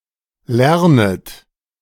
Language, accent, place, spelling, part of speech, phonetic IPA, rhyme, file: German, Germany, Berlin, lernet, verb, [ˈlɛʁnət], -ɛʁnət, De-lernet.ogg
- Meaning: second-person plural subjunctive I of lernen